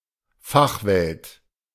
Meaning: profession (totality of professionals and experts of a particular subject area)
- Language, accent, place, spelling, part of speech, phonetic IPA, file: German, Germany, Berlin, Fachwelt, noun, [ˈfaxˌvɛlt], De-Fachwelt.ogg